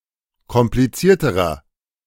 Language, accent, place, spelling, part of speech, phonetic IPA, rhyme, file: German, Germany, Berlin, komplizierterer, adjective, [kɔmpliˈt͡siːɐ̯təʁɐ], -iːɐ̯təʁɐ, De-komplizierterer.ogg
- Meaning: inflection of kompliziert: 1. strong/mixed nominative masculine singular comparative degree 2. strong genitive/dative feminine singular comparative degree 3. strong genitive plural comparative degree